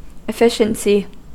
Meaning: The extent to which a resource is used for the intended purpose
- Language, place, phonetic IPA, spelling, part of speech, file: English, California, [ɪˈfɪʃn̩si], efficiency, noun, En-us-efficiency.ogg